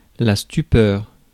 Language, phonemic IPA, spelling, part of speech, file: French, /sty.pœʁ/, stupeur, noun, Fr-stupeur.ogg
- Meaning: stupor, amazement, astonishment, stupefaction, wonder